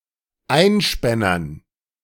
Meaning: dative plural of Einspänner
- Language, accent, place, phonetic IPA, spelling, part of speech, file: German, Germany, Berlin, [ˈaɪ̯nˌʃpɛnɐn], Einspännern, noun, De-Einspännern.ogg